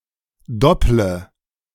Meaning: inflection of doppeln: 1. first-person singular present 2. first/third-person singular subjunctive I 3. singular imperative
- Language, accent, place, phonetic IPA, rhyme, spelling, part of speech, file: German, Germany, Berlin, [ˈdɔplə], -ɔplə, dopple, verb, De-dopple.ogg